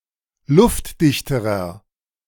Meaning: inflection of luftdicht: 1. strong/mixed nominative masculine singular comparative degree 2. strong genitive/dative feminine singular comparative degree 3. strong genitive plural comparative degree
- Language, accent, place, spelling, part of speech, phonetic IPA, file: German, Germany, Berlin, luftdichterer, adjective, [ˈlʊftˌdɪçtəʁɐ], De-luftdichterer.ogg